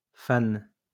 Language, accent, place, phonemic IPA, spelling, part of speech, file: French, France, Lyon, /fan/, fane, noun, LL-Q150 (fra)-fane.wav
- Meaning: 1. dry leaf 2. the leaves attached to vegetables, but which are themselves not usually consumed, such as those of carrot, radishes and cauliflowers